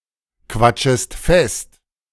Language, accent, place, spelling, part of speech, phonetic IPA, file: German, Germany, Berlin, quatschest fest, verb, [ˌkvat͡ʃəst ˈfɛst], De-quatschest fest.ogg
- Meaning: second-person singular subjunctive I of festquatschen